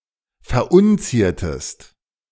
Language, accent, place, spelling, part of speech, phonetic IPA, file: German, Germany, Berlin, verunziertest, verb, [fɛɐ̯ˈʔʊnˌt͡siːɐ̯təst], De-verunziertest.ogg
- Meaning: inflection of verunzieren: 1. second-person singular preterite 2. second-person singular subjunctive II